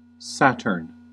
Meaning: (proper noun) The sixth planet of the solar system, known for its large rings, and until recent times the furthest known; represented in astronomy and astrology by ♄
- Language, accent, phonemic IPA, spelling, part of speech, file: English, US, /ˈsæt.ɚn/, Saturn, proper noun / noun, En-us-Saturn.ogg